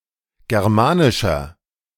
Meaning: 1. comparative degree of germanisch 2. inflection of germanisch: strong/mixed nominative masculine singular 3. inflection of germanisch: strong genitive/dative feminine singular
- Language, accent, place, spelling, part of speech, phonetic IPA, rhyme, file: German, Germany, Berlin, germanischer, adjective, [ˌɡɛʁˈmaːnɪʃɐ], -aːnɪʃɐ, De-germanischer.ogg